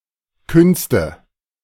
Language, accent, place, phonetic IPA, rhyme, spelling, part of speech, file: German, Germany, Berlin, [ˈkʏnstə], -ʏnstə, Künste, noun, De-Künste.ogg
- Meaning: nominative/accusative/genitive plural of Kunst